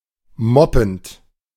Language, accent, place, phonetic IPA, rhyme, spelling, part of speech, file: German, Germany, Berlin, [ˈmɔpn̩t], -ɔpn̩t, moppend, verb, De-moppend.ogg
- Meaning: present participle of moppen